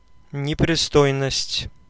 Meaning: obscenity
- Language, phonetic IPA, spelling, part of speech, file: Russian, [nʲɪprʲɪˈstojnəsʲtʲ], непристойность, noun, Ru-непристойность.ogg